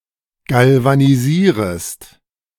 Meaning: second-person singular subjunctive I of galvanisieren
- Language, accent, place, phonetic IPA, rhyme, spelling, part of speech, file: German, Germany, Berlin, [ˌɡalvaniˈziːʁəst], -iːʁəst, galvanisierest, verb, De-galvanisierest.ogg